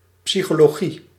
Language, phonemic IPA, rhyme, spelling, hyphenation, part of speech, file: Dutch, /ˌpsi.xoː.loːˈɣi/, -i, psychologie, psy‧cho‧lo‧gie, noun, Nl-psychologie.ogg
- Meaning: psychology